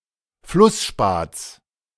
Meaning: genitive singular of Flussspat
- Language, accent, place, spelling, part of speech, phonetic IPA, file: German, Germany, Berlin, Flussspats, noun, [ˈflʊsˌʃpaːt͡s], De-Flussspats.ogg